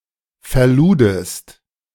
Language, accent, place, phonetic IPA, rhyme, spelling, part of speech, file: German, Germany, Berlin, [fɛɐ̯ˈluːdəst], -uːdəst, verludest, verb, De-verludest.ogg
- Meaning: second-person singular preterite of verladen